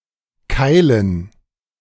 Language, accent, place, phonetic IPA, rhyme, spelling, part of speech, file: German, Germany, Berlin, [ˈkaɪ̯lən], -aɪ̯lən, Keilen, proper noun / noun, De-Keilen.ogg
- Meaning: dative plural of Keil